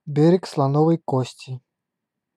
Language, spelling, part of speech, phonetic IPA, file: Russian, Берег Слоновой Кости, proper noun, [ˈbʲerʲɪk sɫɐˈnovəj ˈkosʲtʲɪ], Ru-Берег Слоновой Кости.ogg
- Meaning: Ivory Coast (a country in West Africa)